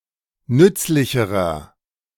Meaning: inflection of nützlich: 1. strong/mixed nominative masculine singular comparative degree 2. strong genitive/dative feminine singular comparative degree 3. strong genitive plural comparative degree
- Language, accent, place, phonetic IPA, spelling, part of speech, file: German, Germany, Berlin, [ˈnʏt͡slɪçəʁɐ], nützlicherer, adjective, De-nützlicherer.ogg